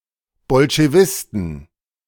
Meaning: inflection of Bolschewist: 1. genitive/dative/accusative singular 2. nominative/genitive/dative/accusative plural
- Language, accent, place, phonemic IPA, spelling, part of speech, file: German, Germany, Berlin, /bɔlʃeˈvɪstn̩/, Bolschewisten, noun, De-Bolschewisten.ogg